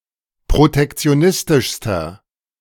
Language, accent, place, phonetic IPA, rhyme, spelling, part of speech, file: German, Germany, Berlin, [pʁotɛkt͡si̯oˈnɪstɪʃstɐ], -ɪstɪʃstɐ, protektionistischster, adjective, De-protektionistischster.ogg
- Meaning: inflection of protektionistisch: 1. strong/mixed nominative masculine singular superlative degree 2. strong genitive/dative feminine singular superlative degree